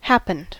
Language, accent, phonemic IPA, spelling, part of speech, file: English, US, /ˈhæpənd/, happened, verb, En-us-happened.ogg
- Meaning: simple past and past participle of happen